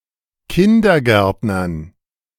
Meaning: dative plural of Kindergärtner
- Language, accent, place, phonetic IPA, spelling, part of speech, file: German, Germany, Berlin, [ˈkɪndɐˌɡɛʁtnɐn], Kindergärtnern, noun, De-Kindergärtnern.ogg